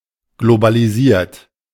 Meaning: 1. past participle of globalisieren 2. inflection of globalisieren: third-person singular present 3. inflection of globalisieren: second-person plural present
- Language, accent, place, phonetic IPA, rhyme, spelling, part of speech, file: German, Germany, Berlin, [ɡlobaliˈziːɐ̯t], -iːɐ̯t, globalisiert, adjective / verb, De-globalisiert.ogg